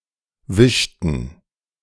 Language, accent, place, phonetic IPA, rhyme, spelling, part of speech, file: German, Germany, Berlin, [ˈvɪʃtn̩], -ɪʃtn̩, wischten, verb, De-wischten.ogg
- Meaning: inflection of wischen: 1. first/third-person plural preterite 2. first/third-person plural subjunctive II